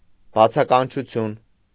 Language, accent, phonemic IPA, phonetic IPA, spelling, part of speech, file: Armenian, Eastern Armenian, /bɑt͡sʰɑkɑnt͡ʃʰuˈtʰjun/, [bɑt͡sʰɑkɑnt͡ʃʰut͡sʰjún], բացականչություն, noun, Hy-բացականչություն.ogg
- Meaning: exclamation